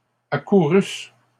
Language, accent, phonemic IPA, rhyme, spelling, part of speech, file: French, Canada, /a.ku.ʁys/, -ys, accourusse, verb, LL-Q150 (fra)-accourusse.wav
- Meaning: first-person singular imperfect subjunctive of accourir